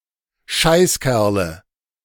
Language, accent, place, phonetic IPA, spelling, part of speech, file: German, Germany, Berlin, [ˈʃaɪ̯sˌkɛʁlə], Scheißkerle, noun, De-Scheißkerle.ogg
- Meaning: nominative/accusative/genitive plural of Scheißkerl